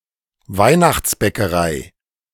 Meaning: 1. Christmastime baking (time of year in which one bakes Christmas baked goods) 2. Christmas baked good
- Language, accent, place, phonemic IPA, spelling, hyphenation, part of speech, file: German, Germany, Berlin, /ˈvaɪ̯naxt͡sbɛkəˌʁai/, Weihnachtsbäckerei, Weih‧nachts‧bä‧cke‧rei, noun, De-Weihnachtsbäckerei.ogg